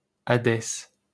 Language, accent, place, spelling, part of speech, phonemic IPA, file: French, France, Paris, Hadès, proper noun, /a.dɛs/, LL-Q150 (fra)-Hadès.wav
- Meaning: Hades (deity)